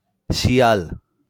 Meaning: 1. fox 2. jackal
- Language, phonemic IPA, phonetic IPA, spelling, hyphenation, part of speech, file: Bengali, /ʃi.al/, [ˈʃi.al], শিয়াল, শি‧য়া‧ল, noun, LL-Q9610 (ben)-শিয়াল.wav